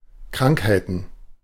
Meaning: plural of Krankheit
- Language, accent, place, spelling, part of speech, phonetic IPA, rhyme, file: German, Germany, Berlin, Krankheiten, noun, [ˈkʁaŋkhaɪ̯tn̩], -aŋkhaɪ̯tn̩, De-Krankheiten.ogg